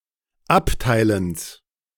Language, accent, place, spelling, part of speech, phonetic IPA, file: German, Germany, Berlin, Abteilens, noun, [ˈaptaɪ̯ləns], De-Abteilens.ogg
- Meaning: genitive of Abteilen